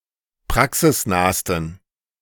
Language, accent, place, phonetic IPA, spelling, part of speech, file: German, Germany, Berlin, [ˈpʁaksɪsˌnaːstn̩], praxisnahsten, adjective, De-praxisnahsten.ogg
- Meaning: 1. superlative degree of praxisnah 2. inflection of praxisnah: strong genitive masculine/neuter singular superlative degree